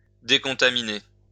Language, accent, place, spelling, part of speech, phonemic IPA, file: French, France, Lyon, décontaminer, verb, /de.kɔ̃.ta.mi.ne/, LL-Q150 (fra)-décontaminer.wav
- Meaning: to decontaminate